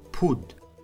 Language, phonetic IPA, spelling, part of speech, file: Kabardian, [pʰud], пуд, adjective, Пуд.ogg
- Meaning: cheap